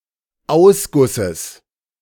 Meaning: genitive of Ausguss
- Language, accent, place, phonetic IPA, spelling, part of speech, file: German, Germany, Berlin, [ˈaʊ̯sˌɡʊsəs], Ausgusses, noun, De-Ausgusses.ogg